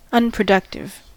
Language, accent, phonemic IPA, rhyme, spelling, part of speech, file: English, US, /ˌʌn.pɹəˈdʌk.tɪv/, -ʌktɪv, unproductive, adjective, En-us-unproductive.ogg
- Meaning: 1. Not productive; useless; fruitless 2. No longer used to produce new words (see examples)